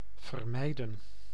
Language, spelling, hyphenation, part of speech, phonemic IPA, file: Dutch, vermijden, ver‧mij‧den, verb, /vərˈmɛi̯.də(n)/, Nl-vermijden.ogg
- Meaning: to avoid